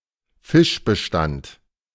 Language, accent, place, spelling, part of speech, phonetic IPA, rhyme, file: German, Germany, Berlin, Fischbestand, noun, [ˈfɪʃbəˌʃtant], -ɪʃbəʃtant, De-Fischbestand.ogg
- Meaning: fish population